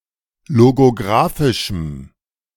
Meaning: strong dative masculine/neuter singular of logographisch
- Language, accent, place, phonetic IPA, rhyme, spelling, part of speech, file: German, Germany, Berlin, [loɡoˈɡʁaːfɪʃm̩], -aːfɪʃm̩, logographischem, adjective, De-logographischem.ogg